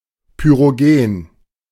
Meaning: 1. pyrogenic 2. pyretic
- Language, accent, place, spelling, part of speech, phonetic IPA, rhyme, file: German, Germany, Berlin, pyrogen, adjective, [pyʁoˈɡeːn], -eːn, De-pyrogen.ogg